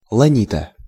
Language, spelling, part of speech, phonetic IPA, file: Russian, ланита, noun, [ɫɐˈnʲitə], Ru-ланита.ogg
- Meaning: cheek